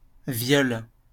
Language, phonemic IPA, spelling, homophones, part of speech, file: French, /vjɔl/, viole, violes / violent, noun / verb, LL-Q150 (fra)-viole.wav
- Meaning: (noun) viol; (verb) inflection of violer: 1. first/third-person singular present indicative/subjunctive 2. second-person singular imperative